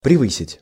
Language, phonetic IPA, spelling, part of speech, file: Russian, [prʲɪˈvɨsʲɪtʲ], превысить, verb, Ru-превысить.ogg
- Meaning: to exceed